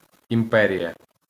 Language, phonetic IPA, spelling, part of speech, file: Ukrainian, [imˈpɛrʲijɐ], імперія, noun, LL-Q8798 (ukr)-імперія.wav
- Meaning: empire